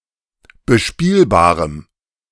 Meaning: strong dative masculine/neuter singular of bespielbar
- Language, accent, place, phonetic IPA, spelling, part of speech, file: German, Germany, Berlin, [bəˈʃpiːlbaːʁəm], bespielbarem, adjective, De-bespielbarem.ogg